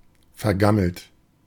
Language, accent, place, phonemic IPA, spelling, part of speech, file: German, Germany, Berlin, /ˌfɛɐ̯ˈɡaml̩t/, vergammelt, verb / adjective, De-vergammelt.ogg
- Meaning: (verb) past participle of vergammeln; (adjective) 1. rotten (of food) 2. scruffy, unkempt